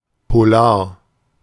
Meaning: polar (pertaining to or associated with the polar regions)
- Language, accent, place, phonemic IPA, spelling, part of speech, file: German, Germany, Berlin, /poˈlaːɐ̯/, polar, adjective, De-polar.ogg